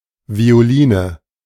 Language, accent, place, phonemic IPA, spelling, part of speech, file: German, Germany, Berlin, /vi̯oˈliːnə/, Violine, noun, De-Violine.ogg
- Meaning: violin